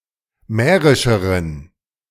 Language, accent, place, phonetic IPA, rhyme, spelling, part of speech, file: German, Germany, Berlin, [ˈmɛːʁɪʃəʁən], -ɛːʁɪʃəʁən, mährischeren, adjective, De-mährischeren.ogg
- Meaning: inflection of mährisch: 1. strong genitive masculine/neuter singular comparative degree 2. weak/mixed genitive/dative all-gender singular comparative degree